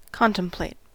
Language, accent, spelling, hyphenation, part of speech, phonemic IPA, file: English, US, contemplate, con‧tem‧plate, verb, /ˈkɑn.təmˌpleɪt/, En-us-contemplate.ogg
- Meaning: To look at on all sides or in all its aspects; to view or consider with continued attention; to regard with deliberate care; to meditate on; to study, ponder, or consider